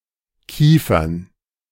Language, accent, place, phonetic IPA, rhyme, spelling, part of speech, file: German, Germany, Berlin, [ˈkiːfɐn], -iːfɐn, Kiefern, noun, De-Kiefern.ogg
- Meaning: 1. plural of Kiefer (“pine”) 2. dative plural of Kiefer (“jaw”)